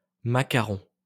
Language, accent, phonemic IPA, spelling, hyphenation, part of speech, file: French, France, /ma.ka.ʁɔ̃/, macaron, ma‧ca‧ron, noun, LL-Q150 (fra)-macaron.wav
- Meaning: 1. macaron (pastry) 2. buns rolled over the ears and worn symmetrically 3. round insignia, roundel; round badge or sticker